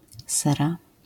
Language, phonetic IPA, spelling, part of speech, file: Polish, [ˈsɛra], sera, noun, LL-Q809 (pol)-sera.wav